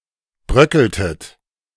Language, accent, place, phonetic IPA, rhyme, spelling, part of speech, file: German, Germany, Berlin, [ˈbʁœkl̩tət], -œkl̩tət, bröckeltet, verb, De-bröckeltet.ogg
- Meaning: inflection of bröckeln: 1. second-person plural preterite 2. second-person plural subjunctive II